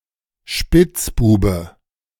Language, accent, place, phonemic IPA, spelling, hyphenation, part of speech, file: German, Germany, Berlin, /ˈʃpɪt͡sˌbuːbə/, Spitzbube, Spitz‧bu‧be, noun, De-Spitzbube.ogg
- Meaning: 1. rascal 2. Jammy Dodger (kind of jammy biscuit)